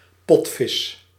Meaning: 1. sperm whale (Physeter catodon syn. Physeter macrocephalus) 2. sperm whale, any member of the family Physeteridae, including the above and several prehistoric species
- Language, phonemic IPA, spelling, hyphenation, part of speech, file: Dutch, /ˈpɔtfɪs/, potvis, pot‧vis, noun, Nl-potvis.ogg